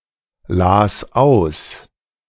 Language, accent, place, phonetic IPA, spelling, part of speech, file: German, Germany, Berlin, [ˌlaːs ˈaʊ̯s], las aus, verb, De-las aus.ogg
- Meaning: first/third-person singular preterite of auslesen